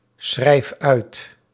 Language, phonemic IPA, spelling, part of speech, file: Dutch, /ˈsxrɛif ˈœyt/, schrijf uit, verb, Nl-schrijf uit.ogg
- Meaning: inflection of uitschrijven: 1. first-person singular present indicative 2. second-person singular present indicative 3. imperative